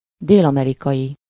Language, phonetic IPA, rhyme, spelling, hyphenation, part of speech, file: Hungarian, [ˈdeːlɒmɛrikɒji], -ji, dél-amerikai, dél-‧ame‧ri‧kai, adjective / noun, Hu-dél-amerikai.ogg
- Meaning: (adjective) South American (of or relating to South America); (noun) South American (a person from or living in South America)